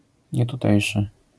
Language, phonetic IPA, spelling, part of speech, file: Polish, [ˌɲɛtuˈtɛjʃɨ], nietutejszy, adjective, LL-Q809 (pol)-nietutejszy.wav